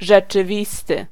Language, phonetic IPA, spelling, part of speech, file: Polish, [ˌʒɛt͡ʃɨˈvʲistɨ], rzeczywisty, adjective, Pl-rzeczywisty.ogg